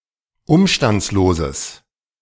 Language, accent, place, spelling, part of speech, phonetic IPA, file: German, Germany, Berlin, umstandsloses, adjective, [ˈʊmʃtant͡sloːzəs], De-umstandsloses.ogg
- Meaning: strong/mixed nominative/accusative neuter singular of umstandslos